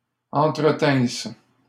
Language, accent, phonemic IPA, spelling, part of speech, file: French, Canada, /ɑ̃.tʁə.tɛ̃s/, entretinsse, verb, LL-Q150 (fra)-entretinsse.wav
- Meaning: first-person singular imperfect subjunctive of entretenir